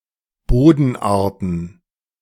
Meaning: plural of Bodenart
- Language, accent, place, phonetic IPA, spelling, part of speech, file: German, Germany, Berlin, [ˈboːdn̩ˌʔaːɐ̯tn̩], Bodenarten, noun, De-Bodenarten.ogg